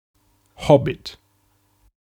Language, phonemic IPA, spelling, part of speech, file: German, /ˈhɔbɪt/, Hobbit, noun, De-Hobbit.ogg
- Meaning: hobbit (a member of a fictional race of small humanoids with shaggy hair and hairy feet)